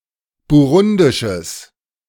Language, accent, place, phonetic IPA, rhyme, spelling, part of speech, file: German, Germany, Berlin, [buˈʁʊndɪʃəs], -ʊndɪʃəs, burundisches, adjective, De-burundisches.ogg
- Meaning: strong/mixed nominative/accusative neuter singular of burundisch